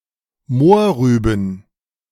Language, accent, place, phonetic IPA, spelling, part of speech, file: German, Germany, Berlin, [ˈmoːɐ̯ˌʁyːbn̩], Mohrrüben, noun, De-Mohrrüben.ogg
- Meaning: plural of Mohrrübe